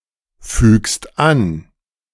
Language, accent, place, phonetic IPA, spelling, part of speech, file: German, Germany, Berlin, [ˌfyːkst ˈan], fügst an, verb, De-fügst an.ogg
- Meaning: second-person singular present of anfügen